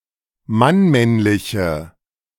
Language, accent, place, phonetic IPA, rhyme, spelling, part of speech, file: German, Germany, Berlin, [manˈmɛnlɪçə], -ɛnlɪçə, mannmännliche, adjective, De-mannmännliche.ogg
- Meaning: inflection of mannmännlich: 1. strong/mixed nominative/accusative feminine singular 2. strong nominative/accusative plural 3. weak nominative all-gender singular